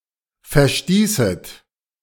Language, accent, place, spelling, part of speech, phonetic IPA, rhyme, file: German, Germany, Berlin, verstießet, verb, [fɛɐ̯ˈstiːsət], -iːsət, De-verstießet.ogg
- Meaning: second-person plural subjunctive II of verstoßen